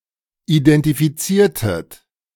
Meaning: inflection of identifizieren: 1. second-person plural preterite 2. second-person plural subjunctive II
- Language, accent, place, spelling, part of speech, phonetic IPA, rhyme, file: German, Germany, Berlin, identifiziertet, verb, [idɛntifiˈt͡siːɐ̯tət], -iːɐ̯tət, De-identifiziertet.ogg